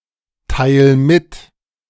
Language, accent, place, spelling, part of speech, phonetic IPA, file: German, Germany, Berlin, teil mit, verb, [ˌtaɪ̯l ˈmɪt], De-teil mit.ogg
- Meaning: 1. singular imperative of mitteilen 2. first-person singular present of mitteilen